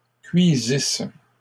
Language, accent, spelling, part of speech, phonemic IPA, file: French, Canada, cuisisse, verb, /kɥi.zis/, LL-Q150 (fra)-cuisisse.wav
- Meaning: first-person singular imperfect subjunctive of cuire